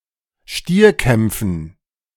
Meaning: dative plural of Stierkampf
- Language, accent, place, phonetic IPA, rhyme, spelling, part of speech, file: German, Germany, Berlin, [ˈʃtiːɐ̯ˌkɛmp͡fn̩], -iːɐ̯kɛmp͡fn̩, Stierkämpfen, noun, De-Stierkämpfen.ogg